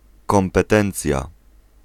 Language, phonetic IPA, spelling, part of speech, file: Polish, [ˌkɔ̃mpɛˈtɛ̃nt͡sʲja], kompetencja, noun, Pl-kompetencja.ogg